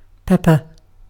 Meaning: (noun) 1. A plant of the family Piperaceae 2. A spice prepared from the fermented, dried, unripe berries of this plant
- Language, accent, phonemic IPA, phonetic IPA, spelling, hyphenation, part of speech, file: English, UK, /ˈpɛp.ə/, [ˈpʰɛp.ə], pepper, pep‧per, noun / verb, En-uk-pepper.ogg